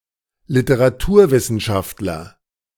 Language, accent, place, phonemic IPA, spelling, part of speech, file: German, Germany, Berlin, /lɪtəʁaˈtuːɐ̯ˌvɪsn̩ʃaftlɐ/, Literaturwissenschaftler, noun, De-Literaturwissenschaftler.ogg
- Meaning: literary scholar (male or of unspecified gender)